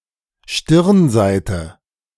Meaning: 1. front (of a structure) 2. gable end
- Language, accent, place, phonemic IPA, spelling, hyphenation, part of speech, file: German, Germany, Berlin, /ˈʃtɪʁnˌzaɪ̯tə/, Stirnseite, Stirn‧sei‧te, noun, De-Stirnseite.ogg